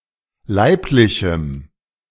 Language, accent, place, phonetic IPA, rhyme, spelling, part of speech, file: German, Germany, Berlin, [ˈlaɪ̯plɪçm̩], -aɪ̯plɪçm̩, leiblichem, adjective, De-leiblichem.ogg
- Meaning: strong dative masculine/neuter singular of leiblich